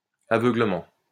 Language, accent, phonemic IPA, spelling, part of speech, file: French, France, /a.vœ.ɡlə.mɑ̃/, aveuglement, noun, LL-Q150 (fra)-aveuglement.wav
- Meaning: 1. blindness, sightlessness (state of being blind) 2. blindness, obliviousness